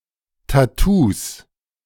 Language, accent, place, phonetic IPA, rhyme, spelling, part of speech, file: German, Germany, Berlin, [taˈtuːs], -uːs, Tattoos, noun, De-Tattoos.ogg
- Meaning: 1. plural of Tattoo 2. genitive singular of Tattoo